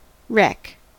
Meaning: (noun) 1. Something or someone that has been ruined 2. The remains of something that has been severely damaged or worn down 3. An event in which something is damaged through collision
- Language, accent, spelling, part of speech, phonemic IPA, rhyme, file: English, US, wreck, noun / verb, /ˈɹɛk/, -ɛk, En-us-wreck.ogg